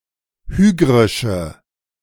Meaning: inflection of hygrisch: 1. strong/mixed nominative/accusative feminine singular 2. strong nominative/accusative plural 3. weak nominative all-gender singular
- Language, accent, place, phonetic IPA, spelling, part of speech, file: German, Germany, Berlin, [ˈhyːɡʁɪʃə], hygrische, adjective, De-hygrische.ogg